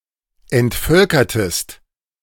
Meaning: inflection of entvölkern: 1. second-person singular preterite 2. second-person singular subjunctive II
- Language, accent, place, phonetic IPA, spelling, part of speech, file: German, Germany, Berlin, [ɛntˈfœlkɐtəst], entvölkertest, verb, De-entvölkertest.ogg